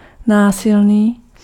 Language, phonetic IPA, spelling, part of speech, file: Czech, [ˈnaːsɪlniː], násilný, adjective, Cs-násilný.ogg
- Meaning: violent (involving physical conflict)